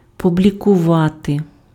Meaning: to publish
- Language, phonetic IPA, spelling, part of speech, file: Ukrainian, [pʊblʲikʊˈʋate], публікувати, verb, Uk-публікувати.ogg